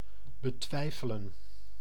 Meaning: to doubt
- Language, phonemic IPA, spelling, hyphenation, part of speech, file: Dutch, /bəˈtʋɛi̯fələ(n)/, betwijfelen, be‧twij‧fe‧len, verb, Nl-betwijfelen.ogg